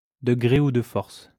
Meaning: willingly or not, one way or another, by hook or by crook, by fair means or foul
- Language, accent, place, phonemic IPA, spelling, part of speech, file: French, France, Lyon, /də ɡʁe u d(ə) fɔʁs/, de gré ou de force, adverb, LL-Q150 (fra)-de gré ou de force.wav